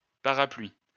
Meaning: plural of parapluie
- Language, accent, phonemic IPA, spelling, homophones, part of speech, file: French, France, /pa.ʁa.plɥi/, parapluies, parapluie, noun, LL-Q150 (fra)-parapluies.wav